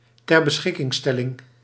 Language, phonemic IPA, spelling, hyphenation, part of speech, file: Dutch, /tɛr.bəˈsxɪ.kɪŋˌstɛ.lɪŋ/, terbeschikkingstelling, ter‧be‧schik‧king‧stel‧ling, noun, Nl-terbeschikkingstelling.ogg
- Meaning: 1. a measure (Netherlands) or sentence (Belgium) imposed by a judge that forces the convicted to undergo psychiatric treatment 2. form of early retirement for teachers